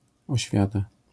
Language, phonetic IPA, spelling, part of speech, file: Polish, [ɔˈɕfʲjata], oświata, noun, LL-Q809 (pol)-oświata.wav